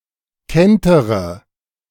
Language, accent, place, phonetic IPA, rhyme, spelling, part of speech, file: German, Germany, Berlin, [ˈkɛntəʁə], -ɛntəʁə, kentere, verb, De-kentere.ogg
- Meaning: inflection of kentern: 1. first-person singular present 2. first/third-person singular subjunctive I 3. singular imperative